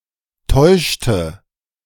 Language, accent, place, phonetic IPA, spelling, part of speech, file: German, Germany, Berlin, [ˈtɔɪ̯ʃtə], täuschte, verb, De-täuschte.ogg
- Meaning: inflection of täuschen: 1. first/third-person singular preterite 2. first/third-person singular subjunctive II